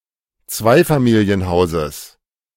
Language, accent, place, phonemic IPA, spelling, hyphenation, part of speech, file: German, Germany, Berlin, /ˈt͡svaɪ̯famiːli̯ənˌhaʊ̯zəs/, Zweifamilienhauses, Zwei‧fa‧mi‧li‧en‧hau‧ses, noun, De-Zweifamilienhauses.ogg
- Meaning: genitive singular of Zweifamilienhaus